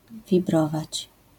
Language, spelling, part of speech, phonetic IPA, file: Polish, wibrować, verb, [vʲiˈbrɔvat͡ɕ], LL-Q809 (pol)-wibrować.wav